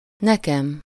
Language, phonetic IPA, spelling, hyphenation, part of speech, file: Hungarian, [ˈnɛkɛm], nekem, ne‧kem, pronoun, Hu-nekem.ogg
- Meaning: first-person singular of neki: to/for me